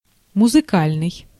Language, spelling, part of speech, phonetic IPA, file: Russian, музыкальный, adjective, [mʊzɨˈkalʲnɨj], Ru-музыкальный.ogg
- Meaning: musical